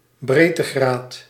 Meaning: latitude (degree of latitude)
- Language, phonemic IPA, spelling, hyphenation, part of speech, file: Dutch, /ˈbreː.təˌɣraːt/, breedtegraad, breed‧te‧graad, noun, Nl-breedtegraad.ogg